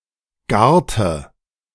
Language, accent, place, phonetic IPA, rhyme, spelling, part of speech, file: German, Germany, Berlin, [ˈɡaːɐ̯tə], -aːɐ̯tə, garte, verb, De-garte.ogg
- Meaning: inflection of garen: 1. first/third-person singular preterite 2. first/third-person singular subjunctive II